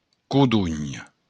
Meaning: quince
- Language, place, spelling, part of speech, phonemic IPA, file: Occitan, Béarn, codonh, noun, /kuˈduɲ/, LL-Q14185 (oci)-codonh.wav